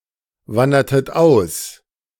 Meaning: inflection of auswandern: 1. second-person plural preterite 2. second-person plural subjunctive II
- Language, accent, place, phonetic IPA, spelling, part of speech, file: German, Germany, Berlin, [ˌvandɐtət ˈaʊ̯s], wandertet aus, verb, De-wandertet aus.ogg